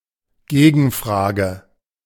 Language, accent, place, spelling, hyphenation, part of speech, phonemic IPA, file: German, Germany, Berlin, Gegenfrage, Ge‧gen‧fra‧ge, noun, /ˈɡeːɡn̩ˌfʁaːɡə/, De-Gegenfrage.ogg
- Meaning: counterquestion